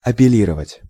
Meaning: 1. to appeal (to) 2. to address, to appeal (to) 3. to make reference (to)
- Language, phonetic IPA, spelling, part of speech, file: Russian, [ɐpʲɪˈlʲirəvətʲ], апеллировать, verb, Ru-апеллировать.ogg